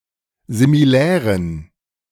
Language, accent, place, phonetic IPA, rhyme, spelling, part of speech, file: German, Germany, Berlin, [zimiˈlɛːʁən], -ɛːʁən, similären, adjective, De-similären.ogg
- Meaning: inflection of similär: 1. strong genitive masculine/neuter singular 2. weak/mixed genitive/dative all-gender singular 3. strong/weak/mixed accusative masculine singular 4. strong dative plural